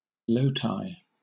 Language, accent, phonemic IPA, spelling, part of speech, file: English, Southern England, /ˈləʊtaɪ/, loti, noun, LL-Q1860 (eng)-loti.wav
- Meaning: plural of lotus